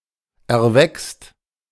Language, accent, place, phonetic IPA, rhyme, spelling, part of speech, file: German, Germany, Berlin, [ɛɐ̯ˈvɛkst], -ɛkst, erwächst, verb, De-erwächst.ogg
- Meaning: second/third-person singular present of erwachsen